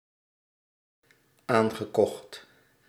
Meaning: past participle of aankopen
- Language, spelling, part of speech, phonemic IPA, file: Dutch, aangekocht, verb, /ˈaŋɣəˌkɔxt/, Nl-aangekocht.ogg